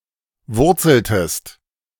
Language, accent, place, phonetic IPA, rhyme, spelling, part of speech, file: German, Germany, Berlin, [ˈvʊʁt͡sl̩təst], -ʊʁt͡sl̩təst, wurzeltest, verb, De-wurzeltest.ogg
- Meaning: inflection of wurzeln: 1. second-person singular preterite 2. second-person singular subjunctive II